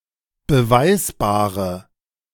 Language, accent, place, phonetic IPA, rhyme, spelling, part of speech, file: German, Germany, Berlin, [bəˈvaɪ̯sbaːʁə], -aɪ̯sbaːʁə, beweisbare, adjective, De-beweisbare.ogg
- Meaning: inflection of beweisbar: 1. strong/mixed nominative/accusative feminine singular 2. strong nominative/accusative plural 3. weak nominative all-gender singular